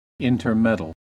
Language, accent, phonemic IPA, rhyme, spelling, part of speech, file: English, US, /ˌɪntɚˈmɛdəl/, -ɛdəl, intermeddle, verb, En-us-intermeddle.ogg
- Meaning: 1. To mix, mingle together 2. To get mixed up (with) 3. To butt in, to interfere in or with